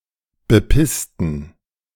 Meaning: inflection of bepissen: 1. first/third-person plural preterite 2. first/third-person plural subjunctive II
- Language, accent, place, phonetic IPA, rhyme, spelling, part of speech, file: German, Germany, Berlin, [bəˈpɪstn̩], -ɪstn̩, bepissten, adjective / verb, De-bepissten.ogg